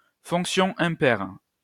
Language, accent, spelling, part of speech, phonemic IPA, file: French, France, fonction impaire, noun, /fɔ̃k.sjɔ̃ ɛ̃.pɛʁ/, LL-Q150 (fra)-fonction impaire.wav
- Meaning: odd function